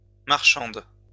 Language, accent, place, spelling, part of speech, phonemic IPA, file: French, France, Lyon, marchande, noun / verb, /maʁ.ʃɑ̃d/, LL-Q150 (fra)-marchande.wav
- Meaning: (noun) female equivalent of marchand; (verb) inflection of marchander: 1. first/third-person singular present indicative/subjunctive 2. second-person singular imperative